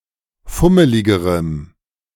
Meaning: strong dative masculine/neuter singular comparative degree of fummelig
- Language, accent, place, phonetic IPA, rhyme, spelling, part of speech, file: German, Germany, Berlin, [ˈfʊməlɪɡəʁəm], -ʊməlɪɡəʁəm, fummeligerem, adjective, De-fummeligerem.ogg